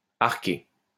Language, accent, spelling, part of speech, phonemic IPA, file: French, France, arquer, verb, /aʁ.ke/, LL-Q150 (fra)-arquer.wav
- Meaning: 1. to arc 2. to arc (move in an arch shape)